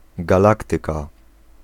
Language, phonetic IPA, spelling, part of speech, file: Polish, [ɡaˈlaktɨka], galaktyka, noun, Pl-galaktyka.ogg